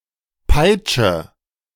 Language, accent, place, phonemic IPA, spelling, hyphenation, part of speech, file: German, Germany, Berlin, /ˈpaɪ̯t͡ʃə/, Peitsche, Peit‧sche, noun, De-Peitsche.ogg
- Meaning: whip